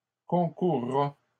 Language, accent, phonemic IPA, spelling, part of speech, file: French, Canada, /kɔ̃.kuʁ.ʁa/, concourra, verb, LL-Q150 (fra)-concourra.wav
- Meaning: third-person singular simple future of concourir